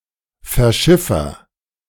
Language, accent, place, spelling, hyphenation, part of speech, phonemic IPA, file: German, Germany, Berlin, Verschiffer, Ver‧schif‧fer, noun, /fɛɐ̯ˈʃɪfɐ/, De-Verschiffer.ogg
- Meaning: 1. agent noun of verschiffen; 2. agent noun of verschiffen;: one who ships something